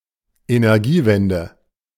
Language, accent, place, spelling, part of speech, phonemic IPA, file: German, Germany, Berlin, Energiewende, noun, /enɛʁˈɡiːˌvɛndə/, De-Energiewende.ogg
- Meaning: energy transition, the transition from energy generated from fossil fuels to renewable energy; Energiewende